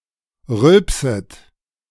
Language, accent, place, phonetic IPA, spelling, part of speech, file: German, Germany, Berlin, [ˈʁʏlpsət], rülpset, verb, De-rülpset.ogg
- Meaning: second-person plural subjunctive I of rülpsen